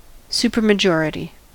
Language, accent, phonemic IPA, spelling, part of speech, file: English, US, /ˌs(j)upɜɹməˈd͡ʒɔɹɪti/, supermajority, noun, En-us-supermajority.ogg
- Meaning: A majority of the items being counted that reaches some preset threshold significantly greater than 50 percent, such as two thirds